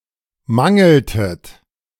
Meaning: inflection of mangeln: 1. second-person plural preterite 2. second-person plural subjunctive II
- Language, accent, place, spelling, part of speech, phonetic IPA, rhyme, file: German, Germany, Berlin, mangeltet, verb, [ˈmaŋl̩tət], -aŋl̩tət, De-mangeltet.ogg